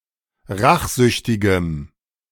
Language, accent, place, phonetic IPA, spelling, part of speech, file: German, Germany, Berlin, [ˈʁaxˌzʏçtɪɡəm], rachsüchtigem, adjective, De-rachsüchtigem.ogg
- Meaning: strong dative masculine/neuter singular of rachsüchtig